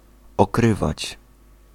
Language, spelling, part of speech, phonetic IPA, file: Polish, okrywać, verb, [ɔˈkrɨvat͡ɕ], Pl-okrywać.ogg